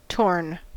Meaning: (verb) past participle of tear; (adjective) 1. Having undergone tearing; ripped or shredded 2. Unable to decide between multiple options 3. Having marginal incisions that are deep and irregular
- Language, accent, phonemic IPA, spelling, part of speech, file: English, US, /toɹn/, torn, verb / adjective, En-us-torn.ogg